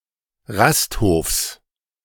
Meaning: genitive singular of Rasthof
- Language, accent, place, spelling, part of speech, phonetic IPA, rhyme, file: German, Germany, Berlin, Rasthofs, noun, [ˈʁastˌhoːfs], -asthoːfs, De-Rasthofs.ogg